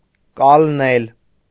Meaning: 1. to hold, to keep 2. to stop up (with); to plug 3. to seize 4. to encase
- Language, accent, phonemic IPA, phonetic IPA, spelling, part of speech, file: Armenian, Eastern Armenian, /kɑlˈnel/, [kɑlnél], կալնել, verb, Hy-կալնել.ogg